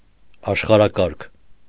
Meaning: world order
- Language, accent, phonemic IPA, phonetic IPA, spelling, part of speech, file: Armenian, Eastern Armenian, /ɑʃχɑɾɑˈkɑɾkʰ/, [ɑʃχɑɾɑkɑ́ɾkʰ], աշխարհակարգ, noun, Hy-աշխարհակարգ.ogg